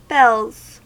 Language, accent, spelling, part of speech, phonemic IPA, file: English, US, bells, noun / verb, /bɛlz/, En-us-bells.ogg
- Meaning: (noun) 1. plural of bell 2. Ship's bells; the strokes on a ship's bell, every half-hour, to mark the passage of time 3. Ellipsis of bell-bottoms